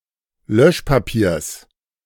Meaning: genitive singular of Löschpapier
- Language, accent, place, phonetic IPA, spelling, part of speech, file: German, Germany, Berlin, [ˈlœʃpaˌpiːɐ̯s], Löschpapiers, noun, De-Löschpapiers.ogg